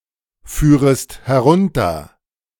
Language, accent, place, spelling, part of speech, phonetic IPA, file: German, Germany, Berlin, führest herunter, verb, [ˌfyːʁəst hɛˈʁʊntɐ], De-führest herunter.ogg
- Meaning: second-person singular subjunctive I of herunterfahren